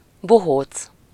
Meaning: clown
- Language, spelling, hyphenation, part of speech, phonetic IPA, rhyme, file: Hungarian, bohóc, bo‧hóc, noun, [ˈboɦoːt͡s], -oːt͡s, Hu-bohóc.ogg